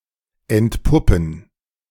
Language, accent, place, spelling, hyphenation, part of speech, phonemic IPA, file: German, Germany, Berlin, entpuppen, ent‧pup‧pen, verb, /ɛntˈpʊpn̩/, De-entpuppen.ogg
- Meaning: 1. to eclose, to emerge from its cocoon/pupa 2. to turn out to be (become apparent or known)